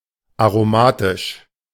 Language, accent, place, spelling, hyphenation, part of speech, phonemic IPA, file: German, Germany, Berlin, aromatisch, aro‧ma‧tisch, adjective, /aʁoˈmaːtɪʃ/, De-aromatisch.ogg
- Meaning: aromatic (all senses)